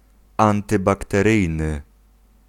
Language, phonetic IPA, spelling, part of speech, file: Polish, [ˌãntɨbaktɛˈrɨjnɨ], antybakteryjny, adjective, Pl-antybakteryjny.ogg